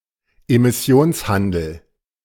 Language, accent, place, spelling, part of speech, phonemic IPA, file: German, Germany, Berlin, Emissionshandel, noun, /emɪˈsi̯oːnsˌhandl̩/, De-Emissionshandel.ogg
- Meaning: emissions trading